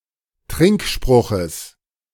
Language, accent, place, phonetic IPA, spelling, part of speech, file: German, Germany, Berlin, [ˈtʁɪŋkˌʃpʁʊxəs], Trinkspruches, noun, De-Trinkspruches.ogg
- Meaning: genitive of Trinkspruch